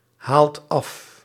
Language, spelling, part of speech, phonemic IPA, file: Dutch, haalt af, verb, /ˈhalt ˈɑf/, Nl-haalt af.ogg
- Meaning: inflection of afhalen: 1. second/third-person singular present indicative 2. plural imperative